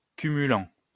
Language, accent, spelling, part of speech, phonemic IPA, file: French, France, cumulant, verb, /ky.my.lɑ̃/, LL-Q150 (fra)-cumulant.wav
- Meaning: present participle of cumuler